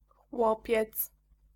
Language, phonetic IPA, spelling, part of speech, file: Polish, [ˈxwɔpʲjɛt͡s], chłopiec, noun, Pl-chłopiec.ogg